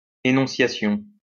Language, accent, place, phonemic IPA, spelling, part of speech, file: French, France, Lyon, /e.nɔ̃.sja.sjɔ̃/, énonciation, noun, LL-Q150 (fra)-énonciation.wav
- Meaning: enunciation